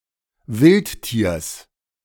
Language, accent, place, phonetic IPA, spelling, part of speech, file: German, Germany, Berlin, [ˈvɪltˌtiːɐ̯s], Wildtiers, noun, De-Wildtiers.ogg
- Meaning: genitive singular of Wildtier